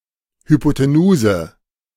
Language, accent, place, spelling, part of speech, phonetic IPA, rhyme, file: German, Germany, Berlin, Hypotenuse, noun, [hypoteˈnuːzə], -uːzə, De-Hypotenuse.ogg
- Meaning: hypotenuse